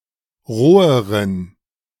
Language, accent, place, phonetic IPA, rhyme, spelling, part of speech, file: German, Germany, Berlin, [ˈʁoːəʁən], -oːəʁən, roheren, adjective, De-roheren.ogg
- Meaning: inflection of roh: 1. strong genitive masculine/neuter singular comparative degree 2. weak/mixed genitive/dative all-gender singular comparative degree